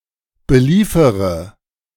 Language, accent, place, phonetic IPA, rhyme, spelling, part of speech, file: German, Germany, Berlin, [bəˈliːfəʁə], -iːfəʁə, beliefere, verb, De-beliefere.ogg
- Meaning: inflection of beliefern: 1. first-person singular present 2. first-person plural subjunctive I 3. third-person singular subjunctive I 4. singular imperative